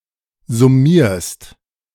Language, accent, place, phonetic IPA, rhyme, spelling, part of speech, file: German, Germany, Berlin, [zʊˈmiːɐ̯st], -iːɐ̯st, summierst, verb, De-summierst.ogg
- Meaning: second-person singular present of summieren